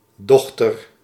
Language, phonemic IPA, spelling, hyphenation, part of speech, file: Dutch, /ˈdɔx.tər/, dochter, doch‧ter, noun, Nl-dochter.ogg
- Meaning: 1. daughter (female offspring) 2. offshoot, something derivative or subordinate